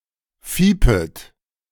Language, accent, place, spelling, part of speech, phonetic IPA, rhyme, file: German, Germany, Berlin, fiepet, verb, [ˈfiːpət], -iːpət, De-fiepet.ogg
- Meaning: second-person plural subjunctive I of fiepen